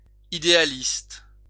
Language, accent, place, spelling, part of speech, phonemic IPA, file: French, France, Lyon, idéaliste, adjective / noun, /i.de.a.list/, LL-Q150 (fra)-idéaliste.wav
- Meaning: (adjective) idealistic; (noun) idealist